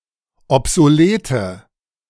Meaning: inflection of obsolet: 1. strong/mixed nominative/accusative feminine singular 2. strong nominative/accusative plural 3. weak nominative all-gender singular 4. weak accusative feminine/neuter singular
- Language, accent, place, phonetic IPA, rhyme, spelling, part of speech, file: German, Germany, Berlin, [ɔpzoˈleːtə], -eːtə, obsolete, adjective, De-obsolete.ogg